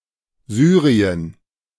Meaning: Syria (a country in West Asia in the Middle East)
- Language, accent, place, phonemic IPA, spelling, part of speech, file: German, Germany, Berlin, /ˈzyːʁiən/, Syrien, proper noun, De-Syrien.ogg